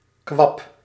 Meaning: a weak, blubbery mass, notably: 1. of human or animal tissue, such as quivering flesh, or a brain lobe 2. of aquatic plants
- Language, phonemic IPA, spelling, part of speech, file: Dutch, /kʋɑp/, kwab, noun, Nl-kwab.ogg